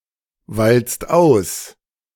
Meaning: inflection of auswalzen: 1. second-person singular/plural present 2. third-person singular present 3. plural imperative
- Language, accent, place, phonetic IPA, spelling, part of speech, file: German, Germany, Berlin, [ˌvalt͡st ˈaʊ̯s], walzt aus, verb, De-walzt aus.ogg